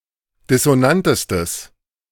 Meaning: strong/mixed nominative/accusative neuter singular superlative degree of dissonant
- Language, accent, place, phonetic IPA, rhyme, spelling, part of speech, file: German, Germany, Berlin, [dɪsoˈnantəstəs], -antəstəs, dissonantestes, adjective, De-dissonantestes.ogg